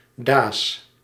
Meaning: contraction of dat + is
- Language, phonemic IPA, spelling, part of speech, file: Dutch, /dɑs/, da's, contraction, Nl-da's.ogg